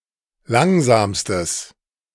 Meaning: strong/mixed nominative/accusative neuter singular superlative degree of langsam
- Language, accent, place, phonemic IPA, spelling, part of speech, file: German, Germany, Berlin, /ˈlaŋzaːmstəs/, langsamstes, adjective, De-langsamstes.ogg